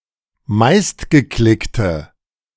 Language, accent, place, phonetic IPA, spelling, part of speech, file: German, Germany, Berlin, [ˈmaɪ̯stɡəˌklɪktə], meistgeklickte, adjective, De-meistgeklickte.ogg
- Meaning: inflection of meistgeklickt: 1. strong/mixed nominative/accusative feminine singular 2. strong nominative/accusative plural 3. weak nominative all-gender singular